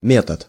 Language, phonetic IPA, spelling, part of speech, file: Russian, [ˈmʲetət], метод, noun, Ru-метод.ogg
- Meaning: method, procedure